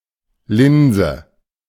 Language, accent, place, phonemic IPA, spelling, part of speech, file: German, Germany, Berlin, /ˈlɪnzə/, Linse, noun, De-Linse.ogg
- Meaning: 1. lens 2. lentil